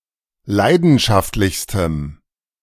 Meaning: strong dative masculine/neuter singular superlative degree of leidenschaftlich
- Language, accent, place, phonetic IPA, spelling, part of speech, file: German, Germany, Berlin, [ˈlaɪ̯dn̩ʃaftlɪçstəm], leidenschaftlichstem, adjective, De-leidenschaftlichstem.ogg